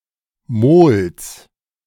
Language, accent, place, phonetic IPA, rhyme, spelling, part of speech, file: German, Germany, Berlin, [moːls], -oːls, Mols, noun, De-Mols.ogg
- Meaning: genitive singular of Mol